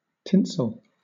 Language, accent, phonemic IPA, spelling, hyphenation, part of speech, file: English, Southern England, /ˈtɪns(ə)l/, tinsel, tin‧sel, noun / adjective / verb, LL-Q1860 (eng)-tinsel.wav
- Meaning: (noun) A shining fabric used for ornamental purposes.: A silk or wool fabric with gold or silver thread woven into it; brocade